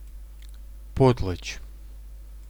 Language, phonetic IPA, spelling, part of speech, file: Russian, [ˈpotɫət͡ɕ], потлач, noun, Ru-потлач.ogg
- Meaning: potlatch